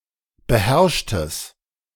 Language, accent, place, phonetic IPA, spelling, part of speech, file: German, Germany, Berlin, [bəˈhɛʁʃtəs], beherrschtes, adjective, De-beherrschtes.ogg
- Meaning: strong/mixed nominative/accusative neuter singular of beherrscht